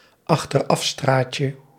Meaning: diminutive of achterafstraat
- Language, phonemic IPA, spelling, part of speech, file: Dutch, /ɑxtəˈrɑfstracə/, achterafstraatje, noun, Nl-achterafstraatje.ogg